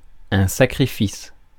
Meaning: sacrifice
- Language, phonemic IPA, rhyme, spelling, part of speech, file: French, /sa.kʁi.fis/, -is, sacrifice, noun, Fr-sacrifice.ogg